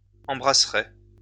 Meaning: first-person singular future of embrasser
- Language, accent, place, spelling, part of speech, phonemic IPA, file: French, France, Lyon, embrasserai, verb, /ɑ̃.bʁa.sʁe/, LL-Q150 (fra)-embrasserai.wav